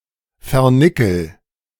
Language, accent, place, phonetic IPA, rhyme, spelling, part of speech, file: German, Germany, Berlin, [fɛɐ̯ˈnɪkl̩], -ɪkl̩, vernickel, verb, De-vernickel.ogg
- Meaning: inflection of vernickeln: 1. first-person singular present 2. singular imperative